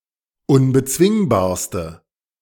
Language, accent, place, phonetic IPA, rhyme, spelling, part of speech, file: German, Germany, Berlin, [ʊnbəˈt͡svɪŋbaːɐ̯stə], -ɪŋbaːɐ̯stə, unbezwingbarste, adjective, De-unbezwingbarste.ogg
- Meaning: inflection of unbezwingbar: 1. strong/mixed nominative/accusative feminine singular superlative degree 2. strong nominative/accusative plural superlative degree